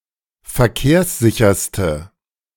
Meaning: inflection of verkehrssicher: 1. strong/mixed nominative/accusative feminine singular superlative degree 2. strong nominative/accusative plural superlative degree
- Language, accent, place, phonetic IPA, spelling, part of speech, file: German, Germany, Berlin, [fɛɐ̯ˈkeːɐ̯sˌzɪçɐstə], verkehrssicherste, adjective, De-verkehrssicherste.ogg